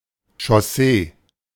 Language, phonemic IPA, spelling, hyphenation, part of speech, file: German, /ʃɔˈseː/, Chaussee, Chaus‧see, noun, De-Chaussee.oga
- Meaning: country road